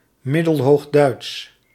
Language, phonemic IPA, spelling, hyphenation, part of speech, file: Dutch, /ˌmɪ.dəl.ɦoːxˈdœy̯ts/, Middelhoogduits, Mid‧del‧hoog‧duits, proper noun / adjective, Nl-Middelhoogduits.ogg
- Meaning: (proper noun) Middle High German